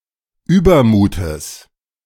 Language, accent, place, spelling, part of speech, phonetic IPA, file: German, Germany, Berlin, Übermutes, noun, [ˈyːbɐˌmuːtəs], De-Übermutes.ogg
- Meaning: genitive singular of Übermut